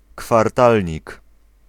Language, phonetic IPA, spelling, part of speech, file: Polish, [kfarˈtalʲɲik], kwartalnik, noun, Pl-kwartalnik.ogg